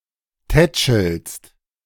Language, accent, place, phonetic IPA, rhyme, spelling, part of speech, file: German, Germany, Berlin, [ˈtɛt͡ʃl̩st], -ɛt͡ʃl̩st, tätschelst, verb, De-tätschelst.ogg
- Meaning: second-person singular present of tätscheln